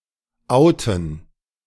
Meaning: 1. to out oneself (reveal oneself as having a certain secret) 2. to out (reveal (a person) to be secretly homosexual) 3. to come out of the closet, come out
- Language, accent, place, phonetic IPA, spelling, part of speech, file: German, Germany, Berlin, [ˈʔaʊ̯tn̩], outen, verb, De-outen.ogg